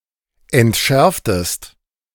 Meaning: inflection of entschärfen: 1. second-person singular preterite 2. second-person singular subjunctive II
- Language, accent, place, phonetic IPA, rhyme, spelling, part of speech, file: German, Germany, Berlin, [ɛntˈʃɛʁftəst], -ɛʁftəst, entschärftest, verb, De-entschärftest.ogg